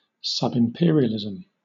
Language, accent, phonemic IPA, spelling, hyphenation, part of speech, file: English, Southern England, /sʌb.ɪmˈpɪə.ɹi.ə.lɪ.z(ə)m/, subimperialism, sub‧im‧per‧i‧al‧i‧sm, noun, LL-Q1860 (eng)-subimperialism.wav